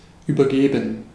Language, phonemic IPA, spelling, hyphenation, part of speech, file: German, /ˌyːbɐˈɡeːbən/, übergeben, über‧ge‧ben, verb, De-übergeben.ogg
- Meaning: 1. to hand over 2. to vomit, to throw up